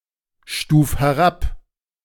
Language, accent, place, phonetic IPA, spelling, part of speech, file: German, Germany, Berlin, [ˌʃtuːf hɛˈʁap], stuf herab, verb, De-stuf herab.ogg
- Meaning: 1. singular imperative of herabstufen 2. first-person singular present of herabstufen